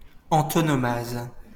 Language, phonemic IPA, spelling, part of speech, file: French, /ɑ̃.tɔ.nɔ.maz/, antonomase, noun, LL-Q150 (fra)-antonomase.wav
- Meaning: antonomasia (figure of speech)